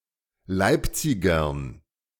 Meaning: dative plural of Leipziger
- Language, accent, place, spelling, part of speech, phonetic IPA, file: German, Germany, Berlin, Leipzigern, noun, [ˈlaɪ̯pˌt͡sɪɡɐn], De-Leipzigern.ogg